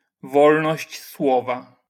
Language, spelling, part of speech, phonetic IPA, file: Polish, wolność słowa, noun, [ˈvɔlnɔɕt͡ɕ ˈswɔva], LL-Q809 (pol)-wolność słowa.wav